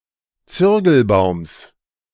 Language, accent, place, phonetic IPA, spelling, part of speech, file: German, Germany, Berlin, [ˈt͡sʏʁɡl̩ˌbaʊ̯ms], Zürgelbaums, noun, De-Zürgelbaums.ogg
- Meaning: genitive singular of Zürgelbaum